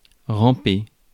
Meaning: to crawl, worm (along); to creep
- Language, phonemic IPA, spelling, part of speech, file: French, /ʁɑ̃.pe/, ramper, verb, Fr-ramper.ogg